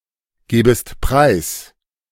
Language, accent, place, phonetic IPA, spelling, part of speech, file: German, Germany, Berlin, [ˌɡeːbəst ˈpʁaɪ̯s], gebest preis, verb, De-gebest preis.ogg
- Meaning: second-person singular subjunctive I of preisgeben